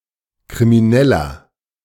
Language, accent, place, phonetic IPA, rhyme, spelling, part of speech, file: German, Germany, Berlin, [kʁimiˈnɛlɐ], -ɛlɐ, krimineller, adjective, De-krimineller.ogg
- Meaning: 1. comparative degree of kriminell 2. inflection of kriminell: strong/mixed nominative masculine singular 3. inflection of kriminell: strong genitive/dative feminine singular